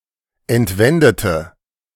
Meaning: inflection of entwenden: 1. first/third-person singular preterite 2. first/third-person singular subjunctive II
- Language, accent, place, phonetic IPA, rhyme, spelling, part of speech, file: German, Germany, Berlin, [ɛntˈvɛndətə], -ɛndətə, entwendete, adjective / verb, De-entwendete.ogg